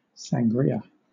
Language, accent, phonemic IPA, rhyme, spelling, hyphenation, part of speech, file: English, Southern England, /sæŋˈɡɹiːə/, -iːə, sangria, san‧gri‧a, noun, LL-Q1860 (eng)-sangria.wav
- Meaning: 1. A cold drink, originating in Spain, consisting of red or white wine, brandy or sherry, fruit juice, sugar and soda water and garnished with orange and other fruit 2. A deep red color